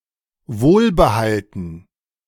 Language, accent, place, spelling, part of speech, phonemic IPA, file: German, Germany, Berlin, wohlbehalten, adjective, /ˈvoːlbəˌhaltn̩/, De-wohlbehalten.ogg
- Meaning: safe and sound